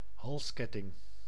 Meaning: necklace
- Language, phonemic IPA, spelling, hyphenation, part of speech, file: Dutch, /ˈɦɑlsˌkɛ.tɪŋ/, halsketting, hals‧ket‧ting, noun, Nl-halsketting.ogg